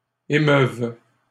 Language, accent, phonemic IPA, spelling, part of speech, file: French, Canada, /e.mœv/, émeuvent, verb, LL-Q150 (fra)-émeuvent.wav
- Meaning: third-person plural present indicative/subjunctive of émouvoir